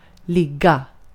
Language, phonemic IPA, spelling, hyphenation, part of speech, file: Swedish, /²lɪɡːa/, ligga, lig‧ga, verb, Sv-ligga.ogg
- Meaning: 1. to lie; be in a horizontal position 2. to lie; to be placed, situated, or located 3. to be enrolled (at a university) 4. to have sex (with)